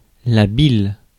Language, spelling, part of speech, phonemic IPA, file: French, bile, noun, /bil/, Fr-bile.ogg
- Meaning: bile